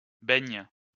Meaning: inflection of baigner: 1. first/third-person singular present indicative/subjunctive 2. second-person singular imperative
- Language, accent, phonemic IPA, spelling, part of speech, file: French, France, /bɛɲ/, baigne, verb, LL-Q150 (fra)-baigne.wav